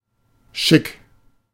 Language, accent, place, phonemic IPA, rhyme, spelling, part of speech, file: German, Germany, Berlin, /ʃɪk/, -ɪk, chic, adjective, De-chic.ogg
- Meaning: alternative spelling of schick